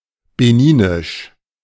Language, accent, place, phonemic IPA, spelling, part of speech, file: German, Germany, Berlin, /beˈniːnɪʃ/, beninisch, adjective, De-beninisch.ogg
- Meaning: of Benin; Beninese